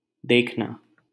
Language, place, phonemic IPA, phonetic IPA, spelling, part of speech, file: Hindi, Delhi, /d̪eːkʰ.nɑː/, [d̪eːkʰ.näː], देखना, verb, LL-Q1568 (hin)-देखना.wav
- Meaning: 1. to see, to look, to watch 2. to perceive with eyes, to observe, to notice 3. to look for, to search for, to seek 4. to see to, to attend to, to guard, to watch over, to look after